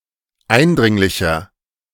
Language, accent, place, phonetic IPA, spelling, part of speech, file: German, Germany, Berlin, [ˈaɪ̯nˌdʁɪŋlɪçɐ], eindringlicher, adjective, De-eindringlicher.ogg
- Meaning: 1. comparative degree of eindringlich 2. inflection of eindringlich: strong/mixed nominative masculine singular 3. inflection of eindringlich: strong genitive/dative feminine singular